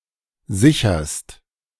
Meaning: second-person singular present of sichern
- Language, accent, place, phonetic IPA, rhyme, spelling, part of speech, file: German, Germany, Berlin, [ˈzɪçɐst], -ɪçɐst, sicherst, verb, De-sicherst.ogg